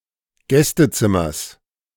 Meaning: genitive singular of Gästezimmer
- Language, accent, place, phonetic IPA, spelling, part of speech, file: German, Germany, Berlin, [ˈɡɛstəˌt͡sɪmɐs], Gästezimmers, noun, De-Gästezimmers.ogg